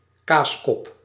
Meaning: 1. a mold in which Edam cheese is pressed 2. idiot, stupid person 3. Hollander 4. Dutch person (in general)
- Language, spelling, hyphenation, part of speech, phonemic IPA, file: Dutch, kaaskop, kaas‧kop, noun, /ˈkaːs.kɔp/, Nl-kaaskop.ogg